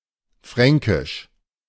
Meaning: 1. Frankish, Old Frankish (an extinct West Germanic language, spoken by the Franks) 2. Franconian (a group of basically unrelated German and Low Franconian dialects) 3. synonym of Ostfränkisch
- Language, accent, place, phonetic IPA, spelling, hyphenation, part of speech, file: German, Germany, Berlin, [ˈfʁɛŋkɪʃ], Fränkisch, Frän‧kisch, proper noun, De-Fränkisch.ogg